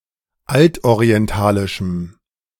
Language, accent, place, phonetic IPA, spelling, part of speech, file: German, Germany, Berlin, [ˈaltʔoʁiɛnˌtaːlɪʃm̩], altorientalischem, adjective, De-altorientalischem.ogg
- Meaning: strong dative masculine/neuter singular of altorientalisch